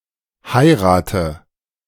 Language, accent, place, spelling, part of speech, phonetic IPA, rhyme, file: German, Germany, Berlin, heirate, verb, [ˈhaɪ̯ʁaːtə], -aɪ̯ʁaːtə, De-heirate.ogg
- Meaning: inflection of heiraten: 1. first-person singular present 2. singular imperative 3. first/third-person singular subjunctive I